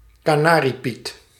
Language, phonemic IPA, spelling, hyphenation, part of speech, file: Dutch, /kaːˈnaː.riˌpit/, kanariepiet, ka‧na‧rie‧piet, noun, Nl-kanariepiet.ogg
- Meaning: a canary, bird of the Serinus or specifically Serinus canaria